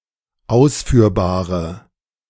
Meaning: inflection of ausführbar: 1. strong/mixed nominative/accusative feminine singular 2. strong nominative/accusative plural 3. weak nominative all-gender singular
- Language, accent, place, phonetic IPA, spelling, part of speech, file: German, Germany, Berlin, [ˈaʊ̯sfyːɐ̯baːʁə], ausführbare, adjective, De-ausführbare.ogg